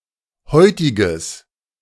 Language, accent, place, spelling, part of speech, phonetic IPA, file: German, Germany, Berlin, heutiges, adjective, [ˈhɔɪ̯tɪɡəs], De-heutiges.ogg
- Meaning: strong/mixed nominative/accusative neuter singular of heutig